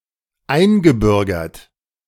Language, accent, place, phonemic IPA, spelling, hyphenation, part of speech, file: German, Germany, Berlin, /ˈaɪ̯nɡəˌbʏʁɡɐt/, eingebürgert, ein‧ge‧bür‧gert, verb / adjective, De-eingebürgert.ogg
- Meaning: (verb) past participle of einbürgern; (adjective) naturalized